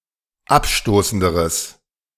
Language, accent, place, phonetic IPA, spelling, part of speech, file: German, Germany, Berlin, [ˈapˌʃtoːsn̩dəʁəs], abstoßenderes, adjective, De-abstoßenderes.ogg
- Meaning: strong/mixed nominative/accusative neuter singular comparative degree of abstoßend